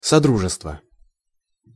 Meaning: 1. community 2. concord 3. cooperation 4. collaboration 5. commonwealth
- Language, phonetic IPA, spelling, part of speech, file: Russian, [sɐˈdruʐɨstvə], содружество, noun, Ru-содружество.ogg